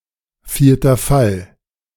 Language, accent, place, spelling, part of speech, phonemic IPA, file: German, Germany, Berlin, vierter Fall, noun, /ˌfiːɐ̯tɐ ˈfal/, De-vierter Fall.ogg
- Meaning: accusative case